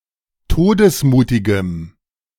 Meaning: strong dative masculine/neuter singular of todesmutig
- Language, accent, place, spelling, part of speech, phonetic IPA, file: German, Germany, Berlin, todesmutigem, adjective, [ˈtoːdəsˌmuːtɪɡəm], De-todesmutigem.ogg